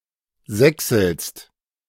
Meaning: second-person singular present of sächseln
- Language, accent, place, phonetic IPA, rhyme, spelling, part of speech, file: German, Germany, Berlin, [ˈzɛksl̩st], -ɛksl̩st, sächselst, verb, De-sächselst.ogg